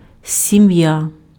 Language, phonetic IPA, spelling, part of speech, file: Ukrainian, [sʲiˈmja], сім'я, noun, Uk-сім'я.ogg
- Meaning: family, household